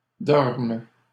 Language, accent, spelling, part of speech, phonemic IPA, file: French, Canada, dorme, verb, /dɔʁm/, LL-Q150 (fra)-dorme.wav
- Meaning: first/third-person singular present subjunctive of dormir